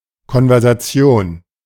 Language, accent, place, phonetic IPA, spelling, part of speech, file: German, Germany, Berlin, [kɔnvɛʁzaˈtsi̯oːn], Konversation, noun, De-Konversation.ogg
- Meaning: conversation (talking, especially small talk)